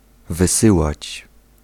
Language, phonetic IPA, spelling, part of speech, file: Polish, [vɨˈsɨwat͡ɕ], wysyłać, verb, Pl-wysyłać.ogg